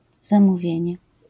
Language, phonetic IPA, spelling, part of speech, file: Polish, [ˌzãmuˈvʲjɛ̇̃ɲɛ], zamówienie, noun, LL-Q809 (pol)-zamówienie.wav